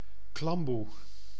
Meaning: mosquito net
- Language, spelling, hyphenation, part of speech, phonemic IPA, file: Dutch, klamboe, klam‧boe, noun, /ˈklɑm.bu/, Nl-klamboe.ogg